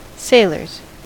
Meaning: plural of sailor
- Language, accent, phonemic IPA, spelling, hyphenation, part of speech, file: English, US, /ˈseɪlɚz/, sailors, sail‧ors, noun, En-us-sailors.ogg